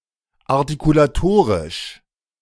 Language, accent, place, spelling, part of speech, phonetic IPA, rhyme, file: German, Germany, Berlin, artikulatorisch, adjective, [aʁtikulaˈtoːʁɪʃ], -oːʁɪʃ, De-artikulatorisch.ogg
- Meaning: articulatory